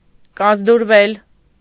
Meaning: mediopassive of կազդուրել (kazdurel): to recover, get stronger, recuperate
- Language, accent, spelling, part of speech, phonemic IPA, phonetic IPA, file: Armenian, Eastern Armenian, կազդուրվել, verb, /kɑzduɾˈvel/, [kɑzduɾvél], Hy-կազդուրվել.ogg